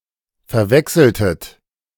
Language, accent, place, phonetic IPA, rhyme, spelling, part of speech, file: German, Germany, Berlin, [fɛɐ̯ˈvɛksl̩tət], -ɛksl̩tət, verwechseltet, verb, De-verwechseltet.ogg
- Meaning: inflection of verwechseln: 1. second-person plural preterite 2. second-person plural subjunctive II